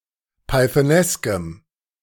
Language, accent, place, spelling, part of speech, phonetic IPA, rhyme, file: German, Germany, Berlin, pythoneskem, adjective, [paɪ̯θəˈnɛskəm], -ɛskəm, De-pythoneskem.ogg
- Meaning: strong dative masculine/neuter singular of pythonesk